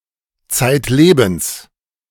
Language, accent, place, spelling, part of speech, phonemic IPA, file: German, Germany, Berlin, zeitlebens, adverb, /ˈtsaɪ̯tˌleːbəns/, De-zeitlebens.ogg
- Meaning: all of one’s life; throughout one’s life (now usually referring to a deceased person)